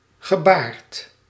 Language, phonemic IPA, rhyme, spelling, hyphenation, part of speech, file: Dutch, /ɣəˈbaːrt/, -aːrt, gebaard, ge‧baard, adjective / verb, Nl-gebaard.ogg
- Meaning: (adjective) bearded; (verb) 1. past participle of baren 2. past participle of gebaren